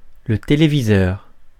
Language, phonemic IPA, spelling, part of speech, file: French, /te.le.vi.zœʁ/, téléviseur, noun, Fr-téléviseur.ogg
- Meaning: television set